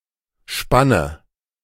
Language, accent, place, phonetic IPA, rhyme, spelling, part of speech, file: German, Germany, Berlin, [ˈʃpanə], -anə, spanne, verb, De-spanne.ogg
- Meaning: inflection of spannen: 1. first-person singular present 2. first/third-person singular subjunctive I 3. singular imperative